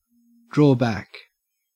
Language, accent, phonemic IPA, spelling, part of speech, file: English, Australia, /dɹɔː ˈbæk/, draw back, verb, En-au-draw back.ogg
- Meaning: 1. to retreat from a position 2. to move backwards 3. to withdraw from an undertaking 4. to pull something back or apart